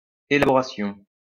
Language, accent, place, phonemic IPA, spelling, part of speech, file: French, France, Lyon, /e.la.bɔ.ʁa.sjɔ̃/, élaboration, noun, LL-Q150 (fra)-élaboration.wav
- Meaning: drawing up, putting together, creation